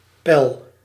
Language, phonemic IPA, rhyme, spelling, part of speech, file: Dutch, /pɛl/, -ɛl, pel, verb, Nl-pel.ogg
- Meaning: inflection of pellen: 1. first-person singular present indicative 2. second-person singular present indicative 3. imperative